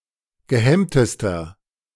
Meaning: inflection of gehemmt: 1. strong/mixed nominative masculine singular superlative degree 2. strong genitive/dative feminine singular superlative degree 3. strong genitive plural superlative degree
- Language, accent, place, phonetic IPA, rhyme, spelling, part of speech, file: German, Germany, Berlin, [ɡəˈhɛmtəstɐ], -ɛmtəstɐ, gehemmtester, adjective, De-gehemmtester.ogg